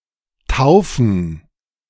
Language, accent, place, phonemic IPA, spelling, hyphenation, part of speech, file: German, Germany, Berlin, /ˈtaʊ̯fən/, Taufen, Tau‧fen, noun, De-Taufen.ogg
- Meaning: 1. gerund of taufen 2. plural of Taufe